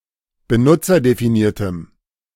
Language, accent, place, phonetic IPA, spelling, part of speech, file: German, Germany, Berlin, [bəˈnʊt͡sɐdefiˌniːɐ̯təm], benutzerdefiniertem, adjective, De-benutzerdefiniertem.ogg
- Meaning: strong dative masculine/neuter singular of benutzerdefiniert